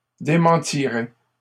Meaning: third-person plural conditional of démentir
- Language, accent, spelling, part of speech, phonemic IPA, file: French, Canada, démentiraient, verb, /de.mɑ̃.ti.ʁɛ/, LL-Q150 (fra)-démentiraient.wav